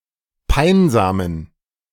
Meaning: inflection of peinsam: 1. strong genitive masculine/neuter singular 2. weak/mixed genitive/dative all-gender singular 3. strong/weak/mixed accusative masculine singular 4. strong dative plural
- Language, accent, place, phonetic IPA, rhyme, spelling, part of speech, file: German, Germany, Berlin, [ˈpaɪ̯nzaːmən], -aɪ̯nzaːmən, peinsamen, adjective, De-peinsamen.ogg